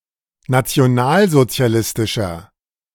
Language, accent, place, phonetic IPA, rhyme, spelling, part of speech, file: German, Germany, Berlin, [nat͡si̯oˈnaːlzot͡si̯aˌlɪstɪʃɐ], -aːlzot͡si̯alɪstɪʃɐ, nationalsozialistischer, adjective, De-nationalsozialistischer.ogg
- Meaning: inflection of nationalsozialistisch: 1. strong/mixed nominative masculine singular 2. strong genitive/dative feminine singular 3. strong genitive plural